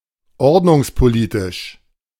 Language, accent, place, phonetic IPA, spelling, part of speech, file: German, Germany, Berlin, [ˈɔʁdnʊŋspoˌliːtɪʃ], ordnungspolitisch, adjective, De-ordnungspolitisch.ogg
- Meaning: regulatory (concerning regulation policy)